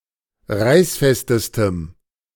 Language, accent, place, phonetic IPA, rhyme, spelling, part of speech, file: German, Germany, Berlin, [ˈʁaɪ̯sˌfɛstəstəm], -aɪ̯sfɛstəstəm, reißfestestem, adjective, De-reißfestestem.ogg
- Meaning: strong dative masculine/neuter singular superlative degree of reißfest